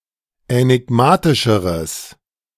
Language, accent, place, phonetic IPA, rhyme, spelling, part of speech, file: German, Germany, Berlin, [ɛnɪˈɡmaːtɪʃəʁəs], -aːtɪʃəʁəs, änigmatischeres, adjective, De-änigmatischeres.ogg
- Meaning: strong/mixed nominative/accusative neuter singular comparative degree of änigmatisch